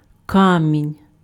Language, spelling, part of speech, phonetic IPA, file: Ukrainian, камінь, noun, [ˈkamʲinʲ], Uk-камінь.ogg
- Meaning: 1. stone, pebble (material) 2. stone (object)